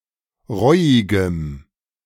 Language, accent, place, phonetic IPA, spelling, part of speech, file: German, Germany, Berlin, [ˈʁɔɪ̯ɪɡəm], reuigem, adjective, De-reuigem.ogg
- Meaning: strong dative masculine/neuter singular of reuig